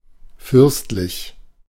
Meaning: 1. princely 2. lavish, luxuriant
- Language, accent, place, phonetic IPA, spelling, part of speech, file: German, Germany, Berlin, [ˈfʏʁstlɪç], fürstlich, adjective, De-fürstlich.ogg